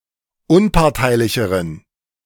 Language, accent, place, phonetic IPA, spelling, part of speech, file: German, Germany, Berlin, [ˈʊnpaʁtaɪ̯lɪçəʁən], unparteilicheren, adjective, De-unparteilicheren.ogg
- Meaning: inflection of unparteilich: 1. strong genitive masculine/neuter singular comparative degree 2. weak/mixed genitive/dative all-gender singular comparative degree